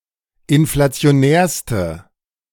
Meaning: inflection of inflationär: 1. strong/mixed nominative/accusative feminine singular superlative degree 2. strong nominative/accusative plural superlative degree
- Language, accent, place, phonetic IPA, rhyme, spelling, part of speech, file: German, Germany, Berlin, [ɪnflat͡si̯oˈnɛːɐ̯stə], -ɛːɐ̯stə, inflationärste, adjective, De-inflationärste.ogg